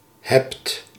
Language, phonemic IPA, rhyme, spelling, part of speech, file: Dutch, /ɦɛpt/, -ɛpt, hebt, verb, Nl-hebt.ogg
- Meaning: 1. inflection of hebben: second-person singular present indicative 2. inflection of hebben: plural imperative 3. third-person singular present indicative of hebben